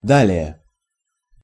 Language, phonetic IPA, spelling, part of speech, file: Russian, [ˈdalʲɪje], далее, adverb, Ru-далее.ogg
- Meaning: alternative form of да́льше (dálʹše): farther, further; furthermore; then, next, afterwards